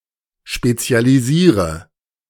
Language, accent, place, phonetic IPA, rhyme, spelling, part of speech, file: German, Germany, Berlin, [ʃpet͡si̯aliˈziːʁə], -iːʁə, spezialisiere, verb, De-spezialisiere.ogg
- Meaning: inflection of spezialisieren: 1. first-person singular present 2. singular imperative 3. first/third-person singular subjunctive I